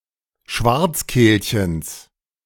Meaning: genitive singular of Schwarzkehlchen
- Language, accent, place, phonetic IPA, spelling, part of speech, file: German, Germany, Berlin, [ˈʃvaʁt͡sˌkeːlçəns], Schwarzkehlchens, noun, De-Schwarzkehlchens.ogg